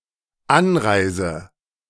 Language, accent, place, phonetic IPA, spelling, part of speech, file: German, Germany, Berlin, [ˈanˌʁaɪ̯zə], anreise, verb, De-anreise.ogg
- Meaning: inflection of anreisen: 1. first-person singular dependent present 2. first/third-person singular dependent subjunctive I